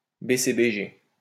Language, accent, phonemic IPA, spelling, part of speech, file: French, France, /be.se.be.ʒe/, BCBG, adjective, LL-Q150 (fra)-BCBG.wav
- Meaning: trendy, preppy; chic and conservative